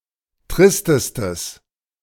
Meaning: strong/mixed nominative/accusative neuter singular superlative degree of trist
- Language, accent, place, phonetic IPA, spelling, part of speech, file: German, Germany, Berlin, [ˈtʁɪstəstəs], tristestes, adjective, De-tristestes.ogg